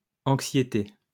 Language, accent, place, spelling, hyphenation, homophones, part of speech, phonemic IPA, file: French, France, Lyon, anxiétés, an‧xié‧tés, anxiété, noun, /ɑ̃k.sje.te/, LL-Q150 (fra)-anxiétés.wav
- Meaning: plural of anxiété